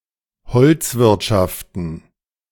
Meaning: plural of Holzwirtschaft
- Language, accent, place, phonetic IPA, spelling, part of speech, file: German, Germany, Berlin, [ˈhɔlt͡sˌvɪʁtʃaftn̩], Holzwirtschaften, noun, De-Holzwirtschaften.ogg